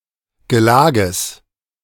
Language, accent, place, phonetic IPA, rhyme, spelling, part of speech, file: German, Germany, Berlin, [ɡəˈlaːɡəs], -aːɡəs, Gelages, noun, De-Gelages.ogg
- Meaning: genitive singular of Gelage